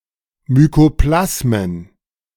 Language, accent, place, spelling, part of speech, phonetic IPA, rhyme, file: German, Germany, Berlin, Mykoplasmen, noun, [mykoˈplasmən], -asmən, De-Mykoplasmen.ogg
- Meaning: 1. plural of Mykoplasma 2. Mycoplasma (genus of bacteria)